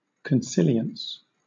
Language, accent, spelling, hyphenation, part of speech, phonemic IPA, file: English, Southern England, consilience, con‧si‧li‧ence, noun, /kənˈsɪ.li.əns/, LL-Q1860 (eng)-consilience.wav
- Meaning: 1. The concurrence of multiple inductions drawn from different data sets 2. The agreement, co-operation, or overlap of academic disciplines